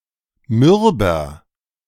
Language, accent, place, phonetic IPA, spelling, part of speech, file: German, Germany, Berlin, [ˈmʏʁbɐ], mürber, adjective, De-mürber.ogg
- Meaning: inflection of mürb: 1. strong/mixed nominative masculine singular 2. strong genitive/dative feminine singular 3. strong genitive plural